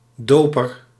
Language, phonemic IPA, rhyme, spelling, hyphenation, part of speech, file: Dutch, /ˈdoː.pər/, -oːpər, doper, do‧per, noun, Nl-doper.ogg
- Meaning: 1. baptiser, one who baptises 2. Anabaptist